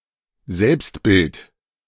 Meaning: self-image
- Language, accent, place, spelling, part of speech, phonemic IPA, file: German, Germany, Berlin, Selbstbild, noun, /ˈzɛlpstˌbɪlt/, De-Selbstbild.ogg